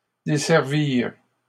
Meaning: third-person plural past historic of desservir
- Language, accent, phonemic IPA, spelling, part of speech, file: French, Canada, /de.sɛʁ.viʁ/, desservirent, verb, LL-Q150 (fra)-desservirent.wav